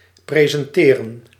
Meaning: 1. to present 2. to show; to present 3. to host (a show)
- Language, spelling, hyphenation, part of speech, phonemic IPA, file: Dutch, presenteren, pre‧sen‧te‧ren, verb, /ˌpreː.zɛnˈteː.rə(n)/, Nl-presenteren.ogg